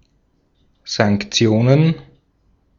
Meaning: plural of Sanktion
- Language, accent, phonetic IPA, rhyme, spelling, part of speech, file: German, Austria, [zaŋkˈt͡si̯oːnən], -oːnən, Sanktionen, noun, De-at-Sanktionen.ogg